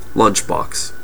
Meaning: 1. A container for transporting meals, especially lunch 2. The penis when enclosed in clothing 3. A lunch packaged in a disposable box to be taken away to eat
- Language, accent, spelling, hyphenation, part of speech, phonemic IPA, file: English, US, lunchbox, lunch‧box, noun, /ˈlʌntʃˌbɒks/, En-us-lunchbox.ogg